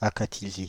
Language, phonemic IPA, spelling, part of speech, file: French, /a.ka.ti.zi/, akathisie, noun, Fr-akathisie.ogg
- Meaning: akathisia